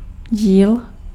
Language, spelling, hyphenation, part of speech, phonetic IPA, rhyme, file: Czech, díl, díl, noun, [ˈɟiːl], -iːl, Cs-díl.ogg
- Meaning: division, part